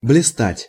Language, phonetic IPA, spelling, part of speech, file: Russian, [blʲɪˈstatʲ], блистать, verb, Ru-блистать.ogg
- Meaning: 1. to shine, to glitter, to sparkle 2. to make a brilliant display (with), to shine (with), to be radiant (with), to be conspicuous (by)